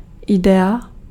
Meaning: idea (that which exists in the mind as the result of mental activity)
- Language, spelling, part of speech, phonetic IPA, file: Czech, idea, noun, [ˈɪdɛa], Cs-idea.ogg